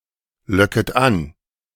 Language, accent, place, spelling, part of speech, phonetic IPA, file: German, Germany, Berlin, locket an, verb, [ˌlɔkət ˈan], De-locket an.ogg
- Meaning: second-person plural subjunctive I of anlocken